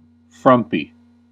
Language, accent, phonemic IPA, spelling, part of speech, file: English, US, /ˈfɹʌm.pi/, frumpy, adjective, En-us-frumpy.ogg
- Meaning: 1. Dowdy, unkempt, or unfashionable 2. Bad-tempered